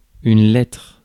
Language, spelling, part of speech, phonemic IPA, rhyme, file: French, lettre, noun, /lɛtʁ/, -ɛtʁ, Fr-lettre.ogg
- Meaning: 1. letter (written character) 2. letter (written message) 3. the literal meaning, the plain meaning of something